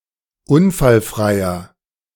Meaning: inflection of unfallfrei: 1. strong/mixed nominative masculine singular 2. strong genitive/dative feminine singular 3. strong genitive plural
- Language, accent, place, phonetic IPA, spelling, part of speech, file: German, Germany, Berlin, [ˈʊnfalˌfʁaɪ̯ɐ], unfallfreier, adjective, De-unfallfreier.ogg